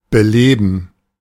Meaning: 1. to liven up 2. to animate
- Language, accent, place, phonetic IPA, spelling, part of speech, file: German, Germany, Berlin, [bəˈleːbn̩], beleben, verb, De-beleben.ogg